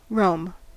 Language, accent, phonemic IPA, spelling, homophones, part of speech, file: English, US, /ɹoʊm/, roam, Rome, verb / noun, En-us-roam.ogg
- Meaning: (verb) 1. To wander or travel freely and with no specific destination 2. To range or wander over 3. To use a network or service from different locations or devices